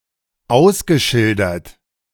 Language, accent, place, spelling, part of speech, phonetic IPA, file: German, Germany, Berlin, ausgeschildert, adjective / verb, [ˈaʊ̯sɡəˌʃɪldɐt], De-ausgeschildert.ogg
- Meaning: past participle of ausschildern